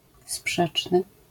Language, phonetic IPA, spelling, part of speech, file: Polish, [ˈspʃɛt͡ʃnɨ], sprzeczny, adjective, LL-Q809 (pol)-sprzeczny.wav